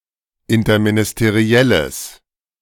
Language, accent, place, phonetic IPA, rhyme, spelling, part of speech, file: German, Germany, Berlin, [ɪntɐminɪsteˈʁi̯ɛləs], -ɛləs, interministerielles, adjective, De-interministerielles.ogg
- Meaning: strong/mixed nominative/accusative neuter singular of interministeriell